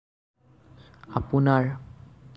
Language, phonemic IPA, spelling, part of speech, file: Assamese, /ɑ.pʊ.nɑɹ/, আপোনাৰ, pronoun, As-আপোনাৰ.ogg
- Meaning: 1. genitive of আপুনি (apuni), your 2. genitive of আপুনি (apuni), own